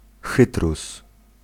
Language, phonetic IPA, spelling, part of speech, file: Polish, [ˈxɨtrus], chytrus, noun, Pl-chytrus.ogg